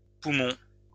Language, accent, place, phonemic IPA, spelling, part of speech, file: French, France, Lyon, /pu.mɔ̃/, poumons, noun, LL-Q150 (fra)-poumons.wav
- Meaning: plural of poumon